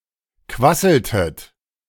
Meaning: inflection of quasseln: 1. second-person plural preterite 2. second-person plural subjunctive II
- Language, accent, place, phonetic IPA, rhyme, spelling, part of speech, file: German, Germany, Berlin, [ˈkvasl̩tət], -asl̩tət, quasseltet, verb, De-quasseltet.ogg